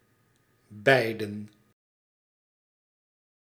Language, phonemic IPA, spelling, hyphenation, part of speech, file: Dutch, /ˈbɛi̯.də(n)/, beiden, beiden, pronoun / verb, Nl-beiden.ogg
- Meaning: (pronoun) personal plural of beide (“both”); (verb) 1. to await, to bide 2. to wait